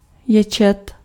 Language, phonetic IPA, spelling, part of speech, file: Czech, [ˈjɛt͡ʃɛt], ječet, verb, Cs-ječet.ogg
- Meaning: to scream, to yell